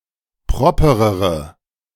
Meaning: inflection of proper: 1. strong/mixed nominative/accusative feminine singular comparative degree 2. strong nominative/accusative plural comparative degree
- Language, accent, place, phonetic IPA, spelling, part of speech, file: German, Germany, Berlin, [ˈpʁɔpəʁəʁə], properere, adjective, De-properere.ogg